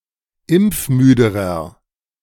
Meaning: inflection of impfmüde: 1. strong/mixed nominative masculine singular comparative degree 2. strong genitive/dative feminine singular comparative degree 3. strong genitive plural comparative degree
- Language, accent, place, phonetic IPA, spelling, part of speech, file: German, Germany, Berlin, [ˈɪmp͡fˌmyːdəʁɐ], impfmüderer, adjective, De-impfmüderer.ogg